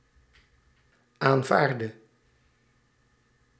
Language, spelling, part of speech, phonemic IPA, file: Dutch, aanvaardde, verb, /aɱˈvardə/, Nl-aanvaardde.ogg
- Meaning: inflection of aanvaarden: 1. singular past indicative 2. singular past subjunctive